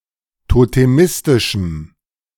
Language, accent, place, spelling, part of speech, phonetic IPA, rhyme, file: German, Germany, Berlin, totemistischem, adjective, [toteˈmɪstɪʃm̩], -ɪstɪʃm̩, De-totemistischem.ogg
- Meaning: strong dative masculine/neuter singular of totemistisch